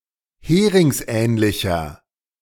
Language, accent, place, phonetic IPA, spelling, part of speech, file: German, Germany, Berlin, [ˈheːʁɪŋsˌʔɛːnlɪçɐ], heringsähnlicher, adjective, De-heringsähnlicher.ogg
- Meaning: inflection of heringsähnlich: 1. strong/mixed nominative masculine singular 2. strong genitive/dative feminine singular 3. strong genitive plural